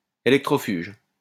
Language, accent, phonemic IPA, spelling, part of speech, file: French, France, /e.lɛk.tʁɔ.fyʒ/, électrofuge, adjective, LL-Q150 (fra)-électrofuge.wav
- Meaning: electrofugal